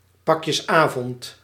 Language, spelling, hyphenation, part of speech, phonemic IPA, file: Dutch, pakjesavond, pak‧jes‧avond, noun, /ˈpɑk.jəsˌaː.vɔnt/, Nl-pakjesavond.ogg
- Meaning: the evening before 5 December, when Sinterklaas brings presents to children (in Belgium the gift-giving is the morning after)